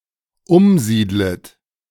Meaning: second-person plural dependent subjunctive I of umsiedeln
- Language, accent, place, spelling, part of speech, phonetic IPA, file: German, Germany, Berlin, umsiedlet, verb, [ˈʊmˌziːdlət], De-umsiedlet.ogg